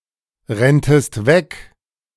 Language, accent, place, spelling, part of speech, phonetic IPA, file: German, Germany, Berlin, renntest weg, verb, [ˌʁɛntəst ˈvɛk], De-renntest weg.ogg
- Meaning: second-person singular subjunctive II of wegrennen